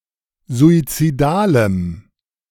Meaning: strong dative masculine/neuter singular of suizidal
- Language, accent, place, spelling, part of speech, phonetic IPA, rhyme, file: German, Germany, Berlin, suizidalem, adjective, [zuit͡siˈdaːləm], -aːləm, De-suizidalem.ogg